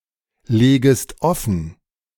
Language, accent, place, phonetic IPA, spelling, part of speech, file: German, Germany, Berlin, [ˌleːɡəst ˈɔfn̩], legest offen, verb, De-legest offen.ogg
- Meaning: second-person singular subjunctive I of offenlegen